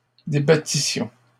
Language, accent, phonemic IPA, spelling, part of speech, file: French, Canada, /de.ba.ti.sjɔ̃/, débattissions, verb, LL-Q150 (fra)-débattissions.wav
- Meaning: first-person plural imperfect subjunctive of débattre